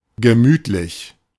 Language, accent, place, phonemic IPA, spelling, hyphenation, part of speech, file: German, Germany, Berlin, /ɡəˈmyːtlɪç/, gemütlich, ge‧müt‧lich, adjective / adverb, De-gemütlich.ogg
- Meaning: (adjective) cosy, gemütlich; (adverb) unhurried, leisurely